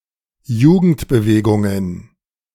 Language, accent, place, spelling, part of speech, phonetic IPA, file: German, Germany, Berlin, Jugendbewegungen, noun, [ˈjuːɡn̩tbəˌveːɡʊŋən], De-Jugendbewegungen2.ogg
- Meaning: plural of Jugendbewegung